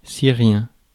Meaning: Syrian
- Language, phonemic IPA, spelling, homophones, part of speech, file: French, /si.ʁjɛ̃/, syrien, Syrien, adjective, Fr-syrien.ogg